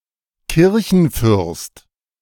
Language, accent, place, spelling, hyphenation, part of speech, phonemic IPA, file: German, Germany, Berlin, Kirchenfürst, Kir‧chen‧fürst, noun, /ˈkɪʁçn̩ˌfʏʁst/, De-Kirchenfürst.ogg
- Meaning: church leader